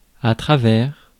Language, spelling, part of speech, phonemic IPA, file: French, travers, noun, /tʁa.vɛʁ/, Fr-travers.ogg
- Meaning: 1. outside (the external part of) 2. wide side (the side of which the width is measured) 3. border toll 4. oddity, irregularity of mind and mood, unfortunate disposition, defect of character